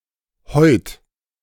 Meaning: alternative form of heute
- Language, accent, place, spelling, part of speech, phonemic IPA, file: German, Germany, Berlin, heut, adverb, /hɔʏ̯t/, De-heut.ogg